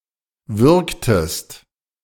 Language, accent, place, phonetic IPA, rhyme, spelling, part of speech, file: German, Germany, Berlin, [ˈvʏʁktəst], -ʏʁktəst, würgtest, verb, De-würgtest.ogg
- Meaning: inflection of würgen: 1. second-person singular preterite 2. second-person singular subjunctive II